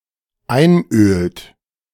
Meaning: inflection of einölen: 1. third-person singular dependent present 2. second-person plural dependent present
- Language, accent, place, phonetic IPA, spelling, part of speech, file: German, Germany, Berlin, [ˈaɪ̯nˌʔøːlt], einölt, verb, De-einölt.ogg